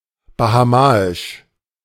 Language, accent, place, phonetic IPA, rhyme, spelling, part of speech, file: German, Germany, Berlin, [bahaˈmaːɪʃ], -aːɪʃ, bahamaisch, adjective, De-bahamaisch.ogg
- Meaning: of the Bahamas; Bahamian